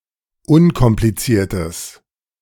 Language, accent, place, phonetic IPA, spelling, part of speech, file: German, Germany, Berlin, [ˈʊnkɔmplit͡siːɐ̯təs], unkompliziertes, adjective, De-unkompliziertes.ogg
- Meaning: strong/mixed nominative/accusative neuter singular of unkompliziert